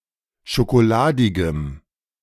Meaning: strong dative masculine/neuter singular of schokoladig
- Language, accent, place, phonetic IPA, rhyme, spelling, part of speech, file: German, Germany, Berlin, [ʃokoˈlaːdɪɡəm], -aːdɪɡəm, schokoladigem, adjective, De-schokoladigem.ogg